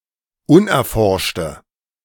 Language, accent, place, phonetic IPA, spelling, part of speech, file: German, Germany, Berlin, [ˈʊnʔɛɐ̯ˌfɔʁʃtə], unerforschte, adjective, De-unerforschte.ogg
- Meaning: inflection of unerforscht: 1. strong/mixed nominative/accusative feminine singular 2. strong nominative/accusative plural 3. weak nominative all-gender singular